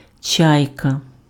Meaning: 1. seagull 2. northern lapwing (Vanellus vanellus) 3. a type of boat used by Zaporozhian Cossacks
- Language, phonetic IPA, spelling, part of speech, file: Ukrainian, [ˈt͡ʃai̯kɐ], чайка, noun, Uk-чайка.ogg